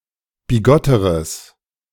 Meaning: strong/mixed nominative/accusative neuter singular comparative degree of bigott
- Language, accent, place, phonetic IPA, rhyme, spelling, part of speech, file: German, Germany, Berlin, [biˈɡɔtəʁəs], -ɔtəʁəs, bigotteres, adjective, De-bigotteres.ogg